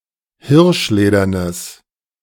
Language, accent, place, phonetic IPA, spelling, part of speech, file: German, Germany, Berlin, [ˈhɪʁʃˌleːdɐnəs], hirschledernes, adjective, De-hirschledernes.ogg
- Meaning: strong/mixed nominative/accusative neuter singular of hirschledern